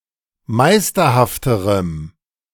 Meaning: strong dative masculine/neuter singular comparative degree of meisterhaft
- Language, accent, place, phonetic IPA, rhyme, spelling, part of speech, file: German, Germany, Berlin, [ˈmaɪ̯stɐhaftəʁəm], -aɪ̯stɐhaftəʁəm, meisterhafterem, adjective, De-meisterhafterem.ogg